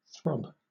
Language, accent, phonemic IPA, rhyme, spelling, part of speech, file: English, Southern England, /θɹɒb/, -ɒb, throb, verb / noun, LL-Q1860 (eng)-throb.wav
- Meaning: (verb) 1. To pound or beat rapidly or violently 2. To pulse (often painfully) in time with the circulation of blood 3. To exhibit an attitude, trait, or affect powerfully and profoundly